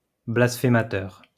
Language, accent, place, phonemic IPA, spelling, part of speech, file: French, France, Lyon, /blas.fe.ma.tœʁ/, blasphémateur, noun, LL-Q150 (fra)-blasphémateur.wav
- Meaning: blasphemer